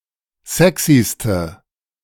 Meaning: inflection of sexy: 1. strong/mixed nominative/accusative feminine singular superlative degree 2. strong nominative/accusative plural superlative degree
- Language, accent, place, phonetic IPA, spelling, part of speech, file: German, Germany, Berlin, [ˈzɛksistə], sexyste, adjective, De-sexyste.ogg